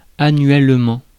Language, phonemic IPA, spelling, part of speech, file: French, /a.nɥɛl.mɑ̃/, annuellement, adverb, Fr-annuellement.ogg
- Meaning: annually, yearly